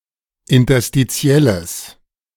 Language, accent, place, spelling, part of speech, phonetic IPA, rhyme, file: German, Germany, Berlin, interstitielles, adjective, [ɪntɐstiˈt͡si̯ɛləs], -ɛləs, De-interstitielles.ogg
- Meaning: strong/mixed nominative/accusative neuter singular of interstitiell